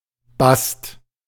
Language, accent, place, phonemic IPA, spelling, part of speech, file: German, Germany, Berlin, /bast/, Bast, noun, De-Bast.ogg
- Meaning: bast